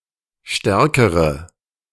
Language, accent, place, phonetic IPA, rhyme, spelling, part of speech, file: German, Germany, Berlin, [ˈʃtɛʁkəʁə], -ɛʁkəʁə, stärkere, adjective, De-stärkere.ogg
- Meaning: inflection of stark: 1. strong/mixed nominative/accusative feminine singular comparative degree 2. strong nominative/accusative plural comparative degree